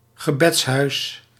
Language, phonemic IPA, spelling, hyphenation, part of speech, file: Dutch, /ɣəˈbɛtsˌɦœy̯s/, gebedshuis, ge‧beds‧huis, noun, Nl-gebedshuis.ogg
- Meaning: house of worship (religious building)